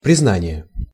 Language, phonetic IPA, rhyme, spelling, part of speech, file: Russian, [prʲɪzˈnanʲɪje], -anʲɪje, признание, noun, Ru-признание.ogg
- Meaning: 1. acknowledgement, recognition 2. confession, admission, concession 3. declaration (e.g., of love)